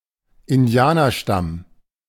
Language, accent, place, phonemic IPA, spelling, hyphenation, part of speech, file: German, Germany, Berlin, /ɪnˈdi̯aːnɐˌʃtam/, Indianerstamm, In‧di‧a‧ner‧stamm, noun, De-Indianerstamm.ogg
- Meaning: Native American tribe